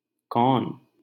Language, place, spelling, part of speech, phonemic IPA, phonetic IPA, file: Hindi, Delhi, कौन, pronoun, /kɔːn/, [kɔ̃ːn], LL-Q1568 (hin)-कौन.wav
- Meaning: who?